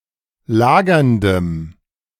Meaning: strong dative masculine/neuter singular of lagernd
- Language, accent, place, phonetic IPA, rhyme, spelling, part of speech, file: German, Germany, Berlin, [ˈlaːɡɐndəm], -aːɡɐndəm, lagerndem, adjective, De-lagerndem.ogg